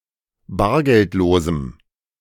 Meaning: strong dative masculine/neuter singular of bargeldlos
- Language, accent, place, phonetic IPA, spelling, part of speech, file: German, Germany, Berlin, [ˈbaːɐ̯ɡɛltˌloːzm̩], bargeldlosem, adjective, De-bargeldlosem.ogg